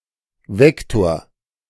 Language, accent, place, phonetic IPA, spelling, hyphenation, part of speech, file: German, Germany, Berlin, [ˈvɛktoːɐ̯], Vektor, Vek‧tor, noun, De-Vektor.ogg
- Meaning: vector